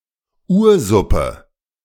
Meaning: primordial soup
- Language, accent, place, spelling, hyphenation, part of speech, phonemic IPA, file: German, Germany, Berlin, Ursuppe, Ur‧sup‧pe, noun, /ˈʔuːɐ̯ˌzʊpə/, De-Ursuppe.ogg